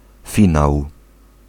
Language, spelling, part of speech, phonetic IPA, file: Polish, finał, noun, [ˈfʲĩnaw], Pl-finał.ogg